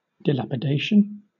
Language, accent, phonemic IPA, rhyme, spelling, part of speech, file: English, Southern England, /dəˌlæp.əˈdeɪ.ʃən/, -eɪʃən, dilapidation, noun, LL-Q1860 (eng)-dilapidation.wav
- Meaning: 1. The state of being dilapidated, reduced to decay, partially ruined 2. The act of dilapidating, damaging a building or structure through neglect or intentionally